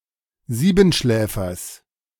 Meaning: genitive singular of Siebenschläfer
- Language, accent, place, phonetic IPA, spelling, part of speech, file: German, Germany, Berlin, [ˈziːbn̩ˌʃlɛːfɐs], Siebenschläfers, noun, De-Siebenschläfers.ogg